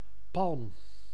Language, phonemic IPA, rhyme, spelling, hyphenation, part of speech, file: Dutch, /pɑlm/, -ɑlm, palm, palm, noun, Nl-palm.ogg
- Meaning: 1. palm (tropical tree of the family Palmae) 2. a palm, the flat (middle part of the hand)